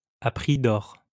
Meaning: over the odds, very dearly
- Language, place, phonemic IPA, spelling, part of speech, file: French, Lyon, /a pʁi d‿ɔʁ/, à prix d'or, adverb, LL-Q150 (fra)-à prix d'or.wav